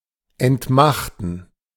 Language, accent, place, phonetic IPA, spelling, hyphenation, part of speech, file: German, Germany, Berlin, [ɛntˈmaχtn̩], entmachten, ent‧mach‧ten, verb, De-entmachten.ogg
- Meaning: to deprive someone/something of his/its power, to depower